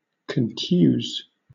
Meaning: To injure without breaking the skin; to bruise
- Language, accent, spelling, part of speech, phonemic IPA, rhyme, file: English, Southern England, contuse, verb, /kənˈtjuːz/, -uːz, LL-Q1860 (eng)-contuse.wav